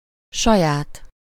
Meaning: own
- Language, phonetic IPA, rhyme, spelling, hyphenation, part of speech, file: Hungarian, [ˈʃɒjaːt], -aːt, saját, sa‧ját, adjective, Hu-saját.ogg